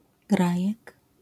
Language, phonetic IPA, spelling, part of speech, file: Polish, [ˈɡrajɛk], grajek, noun, LL-Q809 (pol)-grajek.wav